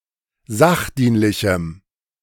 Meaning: strong dative masculine/neuter singular of sachdienlich
- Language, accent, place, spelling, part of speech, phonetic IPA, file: German, Germany, Berlin, sachdienlichem, adjective, [ˈzaxˌdiːnlɪçm̩], De-sachdienlichem.ogg